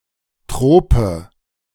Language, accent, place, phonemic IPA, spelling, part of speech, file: German, Germany, Berlin, /ˈtʁoːpə/, Trope, noun, De-Trope.ogg
- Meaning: trope (figure of speech)